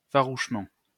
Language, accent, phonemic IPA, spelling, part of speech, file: French, France, /fa.ʁuʃ.mɑ̃/, farouchement, adverb, LL-Q150 (fra)-farouchement.wav
- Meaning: fiercely, strongly, bitterly, doggedly, rabidly